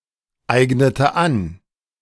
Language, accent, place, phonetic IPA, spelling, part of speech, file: German, Germany, Berlin, [ˌaɪ̯ɡnətə ˈan], eignete an, verb, De-eignete an.ogg
- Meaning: inflection of aneignen: 1. first/third-person singular preterite 2. first/third-person singular subjunctive II